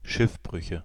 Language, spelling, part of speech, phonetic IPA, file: German, Schiffbrüche, noun, [ˈʃɪfˌbʁʏçə], DE-Schiffbrüche.ogg
- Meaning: nominative/accusative/genitive plural of Schiffbruch